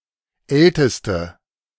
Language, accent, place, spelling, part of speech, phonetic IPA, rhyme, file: German, Germany, Berlin, älteste, adjective, [ˈɛltəstə], -ɛltəstə, De-älteste.ogg
- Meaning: inflection of alt: 1. strong/mixed nominative/accusative feminine singular superlative degree 2. strong nominative/accusative plural superlative degree